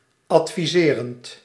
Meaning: present participle of adviseren
- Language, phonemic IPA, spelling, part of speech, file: Dutch, /ɑtfiˈzerənt/, adviserend, verb / adjective, Nl-adviserend.ogg